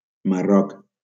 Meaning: Morocco (a country in North Africa)
- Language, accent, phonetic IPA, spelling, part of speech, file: Catalan, Valencia, [maˈrɔk], Marroc, proper noun, LL-Q7026 (cat)-Marroc.wav